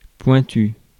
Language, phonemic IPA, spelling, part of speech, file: French, /pwɛ̃.ty/, pointu, adjective, Fr-pointu.ogg
- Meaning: 1. sharp, pointed 2. specialized, precise, technical, pointed 3. Parisian in accent or dialect